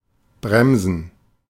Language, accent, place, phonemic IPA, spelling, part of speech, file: German, Germany, Berlin, /ˈbʁɛmzən/, bremsen, verb, De-bremsen.ogg
- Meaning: to brake, slow down, decelerate